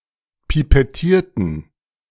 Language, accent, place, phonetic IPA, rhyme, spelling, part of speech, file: German, Germany, Berlin, [pipɛˈtiːɐ̯tn̩], -iːɐ̯tn̩, pipettierten, adjective / verb, De-pipettierten.ogg
- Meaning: inflection of pipettieren: 1. first/third-person plural preterite 2. first/third-person plural subjunctive II